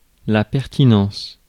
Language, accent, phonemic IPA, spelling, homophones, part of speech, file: French, France, /pɛʁ.ti.nɑ̃s/, pertinence, pertinences, noun, Fr-pertinence.ogg
- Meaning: pertinence; relevance